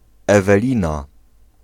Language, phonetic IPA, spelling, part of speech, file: Polish, [ˌɛvɛˈlʲĩna], Ewelina, proper noun, Pl-Ewelina.ogg